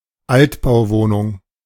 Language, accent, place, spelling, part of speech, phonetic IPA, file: German, Germany, Berlin, Altbauwohnung, noun, [ˈaltbaʊ̯ˌvoːnʊŋ], De-Altbauwohnung.ogg
- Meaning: apartment or flat in an old building